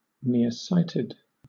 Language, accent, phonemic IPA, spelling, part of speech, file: English, Southern England, /ˌnɪə(ɹ)ˈsaɪtɪd/, near-sighted, adjective, LL-Q1860 (eng)-near-sighted.wav
- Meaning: myopic, suffering from myopia